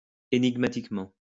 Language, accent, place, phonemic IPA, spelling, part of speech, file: French, France, Lyon, /e.niɡ.ma.tik.mɑ̃/, énigmatiquement, adverb, LL-Q150 (fra)-énigmatiquement.wav
- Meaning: enigmatically